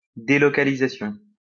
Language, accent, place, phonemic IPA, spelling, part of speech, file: French, France, Lyon, /de.lɔ.ka.li.za.sjɔ̃/, délocalisation, noun, LL-Q150 (fra)-délocalisation.wav
- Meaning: 1. relocation 2. outsourcing, offshoring 3. delocalization